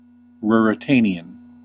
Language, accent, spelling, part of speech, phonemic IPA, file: English, US, Ruritanian, adjective / noun, /ˌɹʊɹ.ɪˈteɪ.ni.ən/, En-us-Ruritanian.ogg
- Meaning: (adjective) Of or having the characteristics of adventure, romance, and intrigue, as in works of romantic fiction